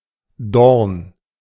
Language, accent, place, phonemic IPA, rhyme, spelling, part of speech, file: German, Germany, Berlin, /dɔʁn/, -ɔʁn, Dorn, noun, De-Dorn.ogg
- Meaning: 1. thorn 2. clipping of Dornbusch (“thornbush”) 3. bolt